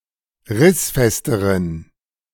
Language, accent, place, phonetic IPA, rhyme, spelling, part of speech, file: German, Germany, Berlin, [ˈʁɪsˌfɛstəʁən], -ɪsfɛstəʁən, rissfesteren, adjective, De-rissfesteren.ogg
- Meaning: inflection of rissfest: 1. strong genitive masculine/neuter singular comparative degree 2. weak/mixed genitive/dative all-gender singular comparative degree